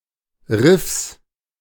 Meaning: genitive singular of Riff
- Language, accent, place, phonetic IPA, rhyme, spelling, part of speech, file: German, Germany, Berlin, [ʁɪfs], -ɪfs, Riffs, noun, De-Riffs.ogg